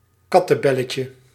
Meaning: diminutive of kattebel
- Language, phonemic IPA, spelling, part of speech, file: Dutch, /ˈkɑtəˌbɛləcə/, kattebelletje, noun, Nl-kattebelletje.ogg